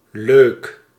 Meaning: 1. nice, pleasant, enjoyable 2. attractive 3. calm, level-headed 4. lukewarm
- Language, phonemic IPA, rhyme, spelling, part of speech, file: Dutch, /løːk/, -øːk, leuk, adjective, Nl-leuk.ogg